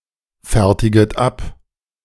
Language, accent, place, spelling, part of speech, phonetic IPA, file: German, Germany, Berlin, fertiget ab, verb, [ˌfɛʁtɪɡət ˈap], De-fertiget ab.ogg
- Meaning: second-person plural subjunctive I of abfertigen